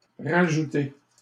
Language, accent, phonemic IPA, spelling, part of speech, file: French, Canada, /ʁa.ʒu.te/, rajouter, verb, LL-Q150 (fra)-rajouter.wav
- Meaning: 1. to re-add; to add again 2. to put back in